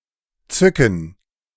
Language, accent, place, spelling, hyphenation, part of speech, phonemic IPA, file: German, Germany, Berlin, zücken, zü‧cken, verb, /ˈt͡sʏkn̩/, De-zücken.ogg
- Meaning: to pull something out and ready it for use, to draw (a weapon)